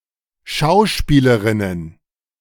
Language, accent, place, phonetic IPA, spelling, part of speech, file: German, Germany, Berlin, [ˈʃaʊ̯ˌʃpiːləʁɪnən], Schauspielerinnen, noun, De-Schauspielerinnen.ogg
- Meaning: plural of Schauspielerin